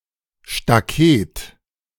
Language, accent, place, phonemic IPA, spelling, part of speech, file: German, Germany, Berlin, /ʃtaˈkeːt/, Staket, noun, De-Staket.ogg
- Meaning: 1. slat fence, picket fence 2. alternative form of Stakete f (“a slat, picket used as fencing”)